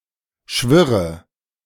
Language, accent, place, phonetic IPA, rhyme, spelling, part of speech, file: German, Germany, Berlin, [ˈʃvɪʁə], -ɪʁə, schwirre, verb, De-schwirre.ogg
- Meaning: inflection of schwirren: 1. first-person singular present 2. first/third-person singular subjunctive I 3. singular imperative